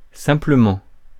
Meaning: simply
- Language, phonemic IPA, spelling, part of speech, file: French, /sɛ̃.plə.mɑ̃/, simplement, adverb, Fr-simplement.ogg